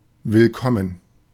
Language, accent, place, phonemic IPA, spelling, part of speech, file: German, Germany, Berlin, /vɪlˈkɔmən/, willkommen, adjective / interjection, De-willkommen.ogg
- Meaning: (adjective) welcome (received with gladness); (interjection) welcome